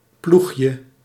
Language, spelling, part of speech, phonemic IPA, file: Dutch, ploegje, noun, /ˈpluxjə/, Nl-ploegje.ogg
- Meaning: diminutive of ploeg